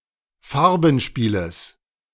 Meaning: genitive singular of Farbenspiel
- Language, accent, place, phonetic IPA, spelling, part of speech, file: German, Germany, Berlin, [ˈfaʁbn̩ˌʃpiːləs], Farbenspieles, noun, De-Farbenspieles.ogg